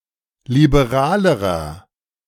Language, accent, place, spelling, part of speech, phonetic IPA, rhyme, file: German, Germany, Berlin, liberalerer, adjective, [libeˈʁaːləʁɐ], -aːləʁɐ, De-liberalerer.ogg
- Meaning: inflection of liberal: 1. strong/mixed nominative masculine singular comparative degree 2. strong genitive/dative feminine singular comparative degree 3. strong genitive plural comparative degree